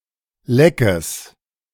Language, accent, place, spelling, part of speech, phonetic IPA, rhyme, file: German, Germany, Berlin, leckes, adjective, [ˈlɛkəs], -ɛkəs, De-leckes.ogg
- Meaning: strong/mixed nominative/accusative neuter singular of leck